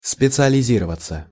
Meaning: 1. to specialize 2. passive of специализи́ровать (specializírovatʹ)
- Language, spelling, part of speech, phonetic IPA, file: Russian, специализироваться, verb, [spʲɪt͡sɨəlʲɪˈzʲirəvət͡sə], Ru-специализироваться.ogg